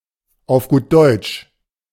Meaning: clearly, bluntly, possibly involving bad language
- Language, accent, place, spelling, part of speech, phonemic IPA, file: German, Germany, Berlin, auf gut Deutsch, prepositional phrase, /aʊ̯f ɡuːt ˈdɔʏ̯tʃ/, De-auf gut Deutsch.ogg